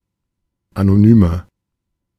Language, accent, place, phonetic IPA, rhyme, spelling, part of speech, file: German, Germany, Berlin, [ˌanoˈnyːmɐ], -yːmɐ, anonymer, adjective, De-anonymer.ogg
- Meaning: inflection of anonym: 1. strong/mixed nominative masculine singular 2. strong genitive/dative feminine singular 3. strong genitive plural